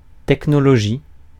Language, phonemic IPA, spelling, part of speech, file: French, /tɛk.nɔ.lɔ.ʒi/, technologie, noun, Fr-technologie.ogg
- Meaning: technology